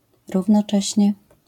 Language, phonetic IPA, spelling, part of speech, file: Polish, [ˌruvnɔˈt͡ʃɛɕɲɛ], równocześnie, adverb, LL-Q809 (pol)-równocześnie.wav